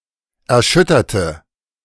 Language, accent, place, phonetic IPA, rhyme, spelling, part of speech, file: German, Germany, Berlin, [ɛɐ̯ˈʃʏtɐtə], -ʏtɐtə, erschütterte, adjective / verb, De-erschütterte.ogg
- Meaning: inflection of erschüttern: 1. first/third-person singular preterite 2. first/third-person singular subjunctive II